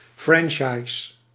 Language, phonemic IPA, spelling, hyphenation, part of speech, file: Dutch, /ˈfrɛn.tʃɑi̯s/, franchise, fran‧chi‧se, noun, Nl-franchise.ogg
- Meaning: franchise (agreement between franchiser and franchisee)